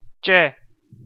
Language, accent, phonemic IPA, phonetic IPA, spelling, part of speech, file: Armenian, Eastern Armenian, /t͡ʃe/, [t͡ʃe], ճե, noun, Hy-EA-ճե.ogg
- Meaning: the name of the Armenian letter ճ (č)